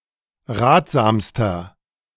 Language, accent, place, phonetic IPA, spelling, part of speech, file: German, Germany, Berlin, [ˈʁaːtz̥aːmstɐ], ratsamster, adjective, De-ratsamster.ogg
- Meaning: inflection of ratsam: 1. strong/mixed nominative masculine singular superlative degree 2. strong genitive/dative feminine singular superlative degree 3. strong genitive plural superlative degree